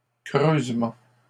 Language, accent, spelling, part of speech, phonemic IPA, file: French, Canada, creusement, noun, /kʁøz.mɑ̃/, LL-Q150 (fra)-creusement.wav
- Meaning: digging, dig